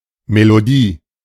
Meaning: melody, tune (sequence of notes that makes up a musical phrase)
- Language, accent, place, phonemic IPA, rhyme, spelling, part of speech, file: German, Germany, Berlin, /meloˈdiː/, -iː, Melodie, noun, De-Melodie.ogg